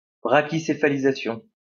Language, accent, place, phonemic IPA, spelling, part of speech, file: French, France, Lyon, /bʁa.ki.se.fa.li.za.sjɔ̃/, brachycéphalisation, noun, LL-Q150 (fra)-brachycéphalisation.wav
- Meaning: 1. brachycephaly 2. brachycephalization